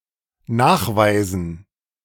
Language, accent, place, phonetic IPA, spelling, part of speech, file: German, Germany, Berlin, [ˈnaːxˌvaɪ̯zn̩], Nachweisen, noun, De-Nachweisen.ogg
- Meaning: dative plural of Nachweis